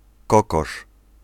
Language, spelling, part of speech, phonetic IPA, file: Polish, kokosz, noun, [ˈkɔkɔʃ], Pl-kokosz.ogg